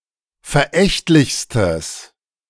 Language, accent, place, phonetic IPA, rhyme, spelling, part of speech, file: German, Germany, Berlin, [fɛɐ̯ˈʔɛçtlɪçstəs], -ɛçtlɪçstəs, verächtlichstes, adjective, De-verächtlichstes.ogg
- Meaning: strong/mixed nominative/accusative neuter singular superlative degree of verächtlich